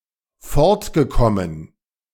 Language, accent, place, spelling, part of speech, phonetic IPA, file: German, Germany, Berlin, fortgekommen, verb, [ˈfɔʁtɡəˌkɔmən], De-fortgekommen.ogg
- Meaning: past participle of fortkommen